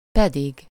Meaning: 1. and, while, whereas, in turn (expressing addition or mild contrast) 2. although, even though, notwithstanding, nevertheless, nonetheless
- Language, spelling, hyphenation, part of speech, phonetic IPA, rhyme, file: Hungarian, pedig, pe‧dig, conjunction, [ˈpɛdiɡ], -iɡ, Hu-pedig.ogg